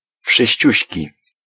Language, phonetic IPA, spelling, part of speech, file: Polish, [fʃɨɕˈt͡ɕüɕci], wszyściuśki, adjective, Pl-wszyściuśki.ogg